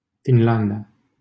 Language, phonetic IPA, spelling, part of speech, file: Romanian, [finˈlan.da], Finlanda, proper noun, LL-Q7913 (ron)-Finlanda.wav
- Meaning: Finland (a country in Northern Europe)